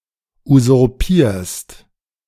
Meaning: second-person singular present of usurpieren
- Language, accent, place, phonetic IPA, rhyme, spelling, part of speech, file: German, Germany, Berlin, [uzʊʁˈpiːɐ̯st], -iːɐ̯st, usurpierst, verb, De-usurpierst.ogg